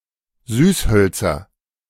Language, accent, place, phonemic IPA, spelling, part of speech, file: German, Germany, Berlin, /ˈzyːsˌhœltsɐ/, Süßhölzer, noun, De-Süßhölzer.ogg
- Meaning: nominative/accusative/genitive plural of Süßholz